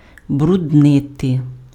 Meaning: to dirty, to make dirty, to soil, to sully
- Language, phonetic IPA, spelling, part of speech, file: Ukrainian, [brʊdˈnɪte], бруднити, verb, Uk-бруднити.ogg